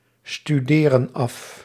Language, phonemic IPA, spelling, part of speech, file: Dutch, /styˈderə(n) ˈɑf/, studeren af, verb, Nl-studeren af.ogg
- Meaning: inflection of afstuderen: 1. plural present indicative 2. plural present subjunctive